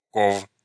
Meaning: genitive of ко́вы (kóvy)
- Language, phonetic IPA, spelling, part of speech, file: Russian, [kof], ков, noun, Ru-ков.ogg